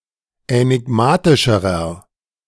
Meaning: inflection of änigmatisch: 1. strong/mixed nominative masculine singular comparative degree 2. strong genitive/dative feminine singular comparative degree 3. strong genitive plural comparative degree
- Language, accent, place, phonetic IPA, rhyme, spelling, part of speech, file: German, Germany, Berlin, [ɛnɪˈɡmaːtɪʃəʁɐ], -aːtɪʃəʁɐ, änigmatischerer, adjective, De-änigmatischerer.ogg